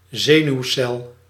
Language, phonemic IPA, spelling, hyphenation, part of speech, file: Dutch, /ˈzeː.nyu̯ˌsɛl/, zenuwcel, ze‧nuw‧cel, noun, Nl-zenuwcel.ogg
- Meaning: a nerve cell, a neuron